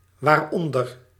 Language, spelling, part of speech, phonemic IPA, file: Dutch, waaronder, adverb, /warˈɔndər/, Nl-waaronder.ogg
- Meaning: pronominal adverb form of onder + wat